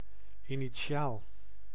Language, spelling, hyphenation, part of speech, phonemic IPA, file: Dutch, initiaal, ini‧ti‧aal, noun / adjective, /iniˈ(t)ʃal/, Nl-initiaal.ogg
- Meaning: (noun) 1. initial, a first letter of a name 2. drop cap, initial, a large, usually ornate first letter in a manuscript or printed text; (adjective) initial